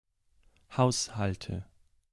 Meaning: nominative/accusative/genitive plural of Haushalt "households"
- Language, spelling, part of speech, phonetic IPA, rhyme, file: German, Haushalte, noun, [ˈhaʊ̯shaltə], -aʊ̯shaltə, De-Haushalte.ogg